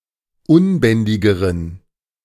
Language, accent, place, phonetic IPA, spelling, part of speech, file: German, Germany, Berlin, [ˈʊnˌbɛndɪɡəʁən], unbändigeren, adjective, De-unbändigeren.ogg
- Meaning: inflection of unbändig: 1. strong genitive masculine/neuter singular comparative degree 2. weak/mixed genitive/dative all-gender singular comparative degree